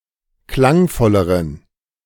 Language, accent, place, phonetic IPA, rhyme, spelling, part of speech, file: German, Germany, Berlin, [ˈklaŋˌfɔləʁən], -aŋfɔləʁən, klangvolleren, adjective, De-klangvolleren.ogg
- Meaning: inflection of klangvoll: 1. strong genitive masculine/neuter singular comparative degree 2. weak/mixed genitive/dative all-gender singular comparative degree